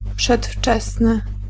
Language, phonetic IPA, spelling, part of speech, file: Polish, [pʃɛtˈft͡ʃɛsnɨ], przedwczesny, adjective, Pl-przedwczesny.ogg